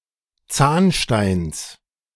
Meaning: genitive singular of Zahnstein
- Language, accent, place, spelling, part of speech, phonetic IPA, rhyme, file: German, Germany, Berlin, Zahnsteins, noun, [ˈt͡saːnʃtaɪ̯ns], -aːnʃtaɪ̯ns, De-Zahnsteins.ogg